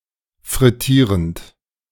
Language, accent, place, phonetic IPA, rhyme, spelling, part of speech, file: German, Germany, Berlin, [fʁɪˈtiːʁənt], -iːʁənt, frittierend, verb, De-frittierend.ogg
- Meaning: present participle of frittieren